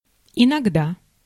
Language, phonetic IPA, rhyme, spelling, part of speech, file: Russian, [ɪnɐɡˈda], -a, иногда, adverb, Ru-иногда.ogg
- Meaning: 1. sometimes, at times 2. now and then